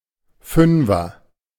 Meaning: 1. fiver, banknote with the value of five (e.g. five euro) 2. someone or something with the number five (a bus line, a football player, etc.)
- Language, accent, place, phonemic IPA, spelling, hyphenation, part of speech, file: German, Germany, Berlin, /ˈfʏnvɐ/, Fünfer, Fün‧fer, noun, De-Fünfer.ogg